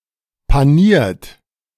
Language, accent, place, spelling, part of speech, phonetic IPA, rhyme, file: German, Germany, Berlin, paniert, verb, [paˈniːɐ̯t], -iːɐ̯t, De-paniert.ogg
- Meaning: 1. past participle of panieren 2. inflection of panieren: third-person singular present 3. inflection of panieren: second-person plural present 4. inflection of panieren: plural imperative